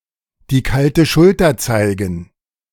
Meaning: to give someone the cold shoulder
- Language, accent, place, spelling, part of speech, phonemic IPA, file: German, Germany, Berlin, die kalte Schulter zeigen, verb, /diː ˈkaltə ˈʃʊltɐ ˈt͡saɪ̯ɡn̩/, De-die kalte Schulter zeigen.ogg